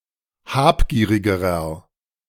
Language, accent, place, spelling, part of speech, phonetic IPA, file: German, Germany, Berlin, habgierigerer, adjective, [ˈhaːpˌɡiːʁɪɡəʁɐ], De-habgierigerer.ogg
- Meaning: inflection of habgierig: 1. strong/mixed nominative masculine singular comparative degree 2. strong genitive/dative feminine singular comparative degree 3. strong genitive plural comparative degree